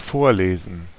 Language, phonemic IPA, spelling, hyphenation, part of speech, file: German, /ˈfoːɐ̯ˌleːzn̩/, vorlesen, vor‧le‧sen, verb, De-vorlesen.ogg
- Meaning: to read (aloud)